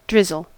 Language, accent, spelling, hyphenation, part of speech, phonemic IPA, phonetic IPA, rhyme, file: English, US, drizzle, driz‧zle, verb / noun, /ˈdɹɪzəl/, [ˈdɹɪzl̩], -ɪzəl, En-us-drizzle.ogg
- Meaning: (verb) 1. To rain lightly 2. To shed slowly in minute drops or particles 3. To pour slowly and evenly, especially oil or honey in cooking 4. To cover by pouring in this manner 5. To urinate